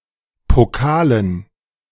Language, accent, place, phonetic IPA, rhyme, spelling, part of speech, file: German, Germany, Berlin, [poˈkaːlən], -aːlən, Pokalen, noun, De-Pokalen.ogg
- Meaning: dative plural of Pokal